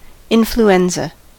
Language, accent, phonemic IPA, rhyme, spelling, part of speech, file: English, US, /ˌɪn.fluˈɛn.zə/, -ɛnzə, influenza, noun, En-us-influenza.ogg
- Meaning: An acute contagious disease of the upper airways and lungs, caused by a virus, which rapidly spreads around the world in seasonal epidemics